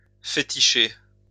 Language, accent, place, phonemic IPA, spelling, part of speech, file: French, France, Lyon, /fe.ti.ʃe/, féticher, verb, LL-Q150 (fra)-féticher.wav
- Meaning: 1. to enchant by magic; to cast a spell 2. to practice fetishism